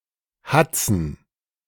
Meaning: plural of Hatz
- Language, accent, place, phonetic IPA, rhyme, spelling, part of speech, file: German, Germany, Berlin, [ˈhat͡sn̩], -at͡sn̩, Hatzen, noun, De-Hatzen.ogg